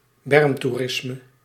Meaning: roadside tourism (recreation one engages in at the side of a road)
- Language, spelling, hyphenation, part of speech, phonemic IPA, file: Dutch, bermtoerisme, berm‧toe‧ris‧me, noun, /ˈbɛrm.tuˌrɪs.mə/, Nl-bermtoerisme.ogg